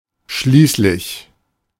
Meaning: 1. in the end, finally, eventually 2. after all (because of, for the reason)
- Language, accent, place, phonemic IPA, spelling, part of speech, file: German, Germany, Berlin, /ˈʃliːslɪç/, schließlich, adverb, De-schließlich.ogg